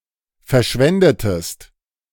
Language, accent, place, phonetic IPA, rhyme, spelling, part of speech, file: German, Germany, Berlin, [fɛɐ̯ˈʃvɛndətəst], -ɛndətəst, verschwendetest, verb, De-verschwendetest.ogg
- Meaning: inflection of verschwenden: 1. second-person singular preterite 2. second-person singular subjunctive II